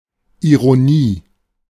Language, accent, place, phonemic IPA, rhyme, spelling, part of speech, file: German, Germany, Berlin, /iʁoˈniː/, -iː, Ironie, noun, De-Ironie.ogg
- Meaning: irony